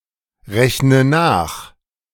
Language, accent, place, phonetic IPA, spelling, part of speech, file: German, Germany, Berlin, [ˌʁɛçnə ˈnaːx], rechne nach, verb, De-rechne nach.ogg
- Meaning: inflection of nachrechnen: 1. first-person singular present 2. first/third-person singular subjunctive I 3. singular imperative